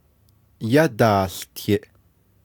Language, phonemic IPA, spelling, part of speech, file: Navajo, /jɑ́tɑ̀ːɬtɪ̀ʔ/, yádaałtiʼ, verb, Nv-yádaałtiʼ.ogg
- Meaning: 1. second-person plural imperfective of yáłtiʼ 2. third-person plural imperfective of yáłtiʼ